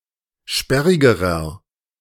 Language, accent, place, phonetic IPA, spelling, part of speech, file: German, Germany, Berlin, [ˈʃpɛʁɪɡəʁɐ], sperrigerer, adjective, De-sperrigerer.ogg
- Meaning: inflection of sperrig: 1. strong/mixed nominative masculine singular comparative degree 2. strong genitive/dative feminine singular comparative degree 3. strong genitive plural comparative degree